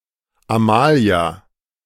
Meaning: a female given name, a less common variant of Amelie and Amalie
- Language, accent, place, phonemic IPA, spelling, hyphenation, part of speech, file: German, Germany, Berlin, /aˈmaːli̯a/, Amalia, Ama‧lia, proper noun, De-Amalia.ogg